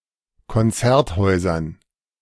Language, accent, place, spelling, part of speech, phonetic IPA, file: German, Germany, Berlin, Konzerthäusern, noun, [kɔnˈt͡sɛʁtˌhɔɪ̯zɐn], De-Konzerthäusern.ogg
- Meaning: dative plural of Konzerthaus